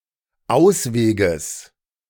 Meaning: genitive singular of Ausweg
- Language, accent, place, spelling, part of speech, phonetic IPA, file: German, Germany, Berlin, Ausweges, noun, [ˈaʊ̯sˌveːɡəs], De-Ausweges.ogg